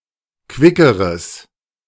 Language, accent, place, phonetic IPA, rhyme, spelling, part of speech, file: German, Germany, Berlin, [ˈkvɪkəʁəs], -ɪkəʁəs, quickeres, adjective, De-quickeres.ogg
- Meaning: strong/mixed nominative/accusative neuter singular comparative degree of quick